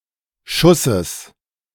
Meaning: genitive singular of Schuss
- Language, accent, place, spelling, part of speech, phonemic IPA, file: German, Germany, Berlin, Schusses, noun, /ˈʃʊsəs/, De-Schusses.ogg